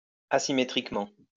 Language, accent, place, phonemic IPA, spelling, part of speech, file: French, France, Lyon, /a.si.me.tʁik.mɑ̃/, asymétriquement, adverb, LL-Q150 (fra)-asymétriquement.wav
- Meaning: asymmetrically